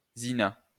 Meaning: zina
- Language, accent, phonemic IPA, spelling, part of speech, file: French, France, /zi.na/, zina, noun, LL-Q150 (fra)-zina.wav